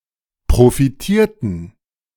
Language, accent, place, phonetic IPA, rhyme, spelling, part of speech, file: German, Germany, Berlin, [pʁofiˈtiːɐ̯tn̩], -iːɐ̯tn̩, profitierten, verb, De-profitierten.ogg
- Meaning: inflection of profitieren: 1. first/third-person plural preterite 2. first/third-person plural subjunctive II